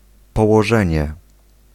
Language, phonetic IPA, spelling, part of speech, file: Polish, [ˌpɔwɔˈʒɛ̃ɲɛ], położenie, noun, Pl-położenie.ogg